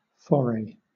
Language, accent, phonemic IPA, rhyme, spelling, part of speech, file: English, Southern England, /ˈfɒɹ.eɪ/, -ɒɹeɪ, foray, noun / verb, LL-Q1860 (eng)-foray.wav
- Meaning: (noun) 1. A sudden or irregular incursion in border warfare; hence, any irregular incursion for war or spoils; a raid 2. A brief excursion or attempt, especially outside one's accustomed sphere